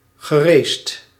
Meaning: past participle of racen
- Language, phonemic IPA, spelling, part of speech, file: Dutch, /ɣəˈrest/, geracet, verb, Nl-geracet.ogg